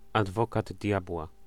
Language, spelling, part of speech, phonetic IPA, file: Polish, adwokat diabła, noun, [adˈvɔkad ˈdʲjabwa], Pl-adwokat diabła.ogg